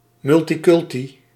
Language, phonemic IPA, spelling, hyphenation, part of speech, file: Dutch, /ˌmʏl.tiˈkʏl.ti/, multiculti, mul‧ti‧cul‧ti, adjective / adverb, Nl-multiculti.ogg
- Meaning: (adjective) clipping of multicultureel; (adverb) multiculturally